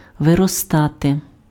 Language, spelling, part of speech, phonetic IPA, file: Ukrainian, виростати, verb, [ʋerɔˈstate], Uk-виростати.ogg
- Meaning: 1. to grow 2. to grow up 3. to arise, to appear, to rise up